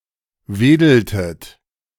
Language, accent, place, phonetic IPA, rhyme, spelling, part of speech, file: German, Germany, Berlin, [ˈveːdl̩tət], -eːdl̩tət, wedeltet, verb, De-wedeltet.ogg
- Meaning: inflection of wedeln: 1. second-person plural preterite 2. second-person plural subjunctive II